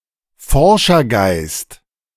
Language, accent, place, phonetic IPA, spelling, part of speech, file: German, Germany, Berlin, [ˈfɔʁʃɐˌɡaɪ̯st], Forschergeist, noun, De-Forschergeist.ogg
- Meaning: spirit of research